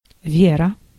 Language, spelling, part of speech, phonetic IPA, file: Russian, вера, noun, [ˈvʲerə], Ru-вера.ogg
- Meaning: 1. belief, faith 2. trust, faith (belief in someone's honesty and reliability) 3. faith, creed (adherence to a religion; a set of religious beliefs)